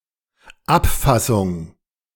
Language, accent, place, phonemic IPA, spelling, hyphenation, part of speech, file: German, Germany, Berlin, /ˈapˌfasʊŋ/, Abfassung, Ab‧fas‧sung, noun, De-Abfassung.ogg
- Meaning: drafting